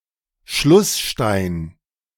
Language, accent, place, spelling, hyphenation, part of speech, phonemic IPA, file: German, Germany, Berlin, Schlussstein, Schluss‧stein, noun, /ˈʃlʊsˌʃtaɪ̯n/, De-Schlussstein.ogg
- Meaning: 1. keystone 2. boss